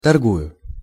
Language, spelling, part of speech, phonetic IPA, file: Russian, торгую, verb, [tɐrˈɡujʊ], Ru-торгую.ogg
- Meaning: first-person singular present indicative imperfective of торгова́ть (torgovátʹ)